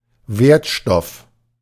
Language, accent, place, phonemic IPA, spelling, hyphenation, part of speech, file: German, Germany, Berlin, /ˈveːɐ̯tˌʃtɔf/, Wertstoff, Wert‧stoff, noun, De-Wertstoff.ogg
- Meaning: recyclable material